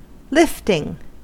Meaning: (noun) 1. The action or process by which something is lifted; elevation 2. Weightlifting; a form of exercise in which weights are lifted
- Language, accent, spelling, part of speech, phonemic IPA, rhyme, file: English, US, lifting, noun / verb, /ˈlɪf.tɪŋ/, -ɪftɪŋ, En-us-lifting.ogg